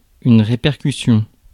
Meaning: repercussion
- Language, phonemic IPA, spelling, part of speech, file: French, /ʁe.pɛʁ.ky.sjɔ̃/, répercussion, noun, Fr-répercussion.ogg